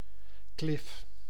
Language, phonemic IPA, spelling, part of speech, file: Dutch, /klɪf/, klif, noun, Nl-klif.ogg
- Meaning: cliff